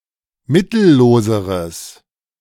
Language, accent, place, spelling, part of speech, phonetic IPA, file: German, Germany, Berlin, mittelloseres, adjective, [ˈmɪtl̩ˌloːzəʁəs], De-mittelloseres.ogg
- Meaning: strong/mixed nominative/accusative neuter singular comparative degree of mittellos